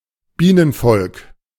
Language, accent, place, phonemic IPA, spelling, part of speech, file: German, Germany, Berlin, /ˈbiːnənˌfɔlk/, Bienenvolk, noun, De-Bienenvolk.ogg
- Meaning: bee colony